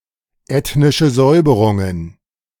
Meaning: plural of ethnische Säuberung
- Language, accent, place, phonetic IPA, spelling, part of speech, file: German, Germany, Berlin, [ˌɛtnɪʃə ˈzɔɪ̯bəʁʊŋən], ethnische Säuberungen, noun, De-ethnische Säuberungen.ogg